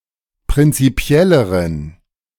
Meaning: inflection of prinzipiell: 1. strong genitive masculine/neuter singular comparative degree 2. weak/mixed genitive/dative all-gender singular comparative degree
- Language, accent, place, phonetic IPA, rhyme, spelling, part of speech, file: German, Germany, Berlin, [pʁɪnt͡siˈpi̯ɛləʁən], -ɛləʁən, prinzipielleren, adjective, De-prinzipielleren.ogg